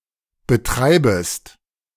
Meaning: second-person singular subjunctive I of betreiben
- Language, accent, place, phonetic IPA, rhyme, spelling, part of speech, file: German, Germany, Berlin, [bəˈtʁaɪ̯bəst], -aɪ̯bəst, betreibest, verb, De-betreibest.ogg